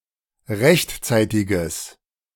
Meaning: strong/mixed nominative/accusative neuter singular of rechtzeitig
- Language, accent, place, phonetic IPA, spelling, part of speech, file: German, Germany, Berlin, [ˈʁɛçtˌt͡saɪ̯tɪɡəs], rechtzeitiges, adjective, De-rechtzeitiges.ogg